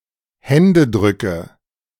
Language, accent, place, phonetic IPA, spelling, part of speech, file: German, Germany, Berlin, [ˈhɛndəˌdʁʏkə], Händedrücke, noun, De-Händedrücke.ogg
- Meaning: nominative/accusative/genitive plural of Händedruck